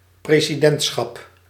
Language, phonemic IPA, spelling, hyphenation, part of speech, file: Dutch, /preː.ziˈdɛntˌsxɑp/, presidentschap, pre‧si‧dent‧schap, noun, Nl-presidentschap.ogg
- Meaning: a presidency